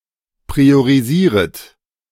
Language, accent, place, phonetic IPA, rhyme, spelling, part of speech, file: German, Germany, Berlin, [pʁioʁiˈziːʁət], -iːʁət, priorisieret, verb, De-priorisieret.ogg
- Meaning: second-person plural subjunctive I of priorisieren